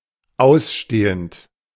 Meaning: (verb) present participle of ausstehen; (adjective) outstanding, owed as a debt
- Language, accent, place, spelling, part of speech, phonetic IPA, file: German, Germany, Berlin, ausstehend, adjective / verb, [ˈaʊ̯sˌʃteːənt], De-ausstehend.ogg